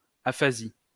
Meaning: aphasia (pathological speech disorder)
- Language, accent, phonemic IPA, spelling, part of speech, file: French, France, /a.fa.zi/, aphasie, noun, LL-Q150 (fra)-aphasie.wav